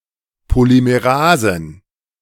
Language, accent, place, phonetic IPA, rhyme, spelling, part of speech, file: German, Germany, Berlin, [polimeˈʁaːzn̩], -aːzn̩, Polymerasen, noun, De-Polymerasen.ogg
- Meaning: plural of Polymerase